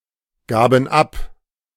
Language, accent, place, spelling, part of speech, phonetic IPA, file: German, Germany, Berlin, gaben ab, verb, [ˌɡaːbn̩ ˈap], De-gaben ab.ogg
- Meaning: first/third-person plural preterite of abgeben